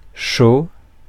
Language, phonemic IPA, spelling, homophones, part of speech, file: French, /ʃo/, show, chaud / chauds / chaut / chaux / cheau / cheaux / shows, noun, Fr-show.ogg
- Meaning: show (entertainment program)